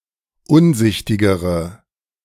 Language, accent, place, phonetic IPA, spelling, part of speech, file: German, Germany, Berlin, [ˈʊnˌzɪçtɪɡəʁə], unsichtigere, adjective, De-unsichtigere.ogg
- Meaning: inflection of unsichtig: 1. strong/mixed nominative/accusative feminine singular comparative degree 2. strong nominative/accusative plural comparative degree